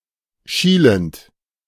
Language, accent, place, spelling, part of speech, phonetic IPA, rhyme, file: German, Germany, Berlin, schielend, verb, [ˈʃiːlənt], -iːlənt, De-schielend.ogg
- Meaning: present participle of schielen